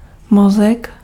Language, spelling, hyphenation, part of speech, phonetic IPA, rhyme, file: Czech, mozek, mo‧zek, noun, [ˈmozɛk], -ozɛk, Cs-mozek.ogg
- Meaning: brain